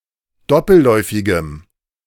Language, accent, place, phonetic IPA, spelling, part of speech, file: German, Germany, Berlin, [ˈdɔpl̩ˌlɔɪ̯fɪɡəm], doppelläufigem, adjective, De-doppelläufigem.ogg
- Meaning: strong dative masculine/neuter singular of doppelläufig